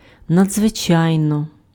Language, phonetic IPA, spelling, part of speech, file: Ukrainian, [nɐd͡zʋeˈt͡ʃai̯nɔ], надзвичайно, adverb, Uk-надзвичайно.ogg
- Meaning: 1. extremely, extraordinarily, exceedingly, enormously 2. eminently